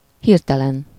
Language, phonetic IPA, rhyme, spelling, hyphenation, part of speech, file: Hungarian, [ˈhirtɛlɛn], -ɛn, hirtelen, hir‧te‧len, adjective / adverb, Hu-hirtelen.ogg
- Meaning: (adjective) 1. sudden, abrupt, rapid 2. impulsive, impetuous; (adverb) suddenly, all of a sudden (happening quickly and with little or no warning)